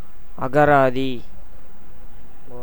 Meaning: dictionary
- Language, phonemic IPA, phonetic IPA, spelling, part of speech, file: Tamil, /ɐɡɐɾɑːd̪iː/, [ɐɡɐɾäːd̪iː], அகராதி, noun, Ta-அகராதி.ogg